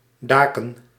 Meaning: plural of dak
- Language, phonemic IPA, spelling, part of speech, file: Dutch, /ˈdakə(n)/, daken, noun, Nl-daken.ogg